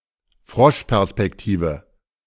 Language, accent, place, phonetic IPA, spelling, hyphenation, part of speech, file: German, Germany, Berlin, [ˈfʀɔʃpɛʁspɛkˌtiːvə], Froschperspektive, Frosch‧pers‧pek‧ti‧ve, noun, De-Froschperspektive.ogg
- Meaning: worm's-eye view